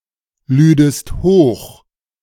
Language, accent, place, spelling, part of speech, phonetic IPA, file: German, Germany, Berlin, lüdest hoch, verb, [ˌlyːdəst ˈhoːx], De-lüdest hoch.ogg
- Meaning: second-person singular subjunctive II of hochladen